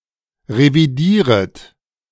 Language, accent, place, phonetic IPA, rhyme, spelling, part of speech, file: German, Germany, Berlin, [ʁeviˈdiːʁət], -iːʁət, revidieret, verb, De-revidieret.ogg
- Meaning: second-person plural subjunctive I of revidieren